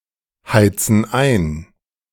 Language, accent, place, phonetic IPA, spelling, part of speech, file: German, Germany, Berlin, [ˌhaɪ̯t͡sn̩ ˈaɪ̯n], heizen ein, verb, De-heizen ein.ogg
- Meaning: inflection of einheizen: 1. first/third-person plural present 2. first/third-person plural subjunctive I